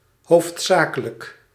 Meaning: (adjective) main; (adverb) mainly
- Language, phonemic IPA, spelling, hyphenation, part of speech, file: Dutch, /ˈɦoːftˌsaː.kə.lək/, hoofdzakelijk, hoofd‧za‧ke‧lijk, adjective / adverb, Nl-hoofdzakelijk.ogg